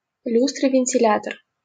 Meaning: 1. ventilator 2. fan
- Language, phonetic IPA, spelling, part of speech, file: Russian, [vʲɪnʲtʲɪˈlʲatər], вентилятор, noun, LL-Q7737 (rus)-вентилятор.wav